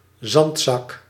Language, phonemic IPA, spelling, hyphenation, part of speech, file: Dutch, /ˈzɑnt.sɑk/, zandzak, zand‧zak, noun, Nl-zandzak.ogg
- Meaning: a sandbag